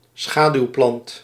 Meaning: shade-dweller, shade-dwelling plant
- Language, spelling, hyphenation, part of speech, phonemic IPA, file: Dutch, schaduwplant, scha‧duw‧plant, noun, /ˈsxaː.dyu̯ˌplɑnt/, Nl-schaduwplant.ogg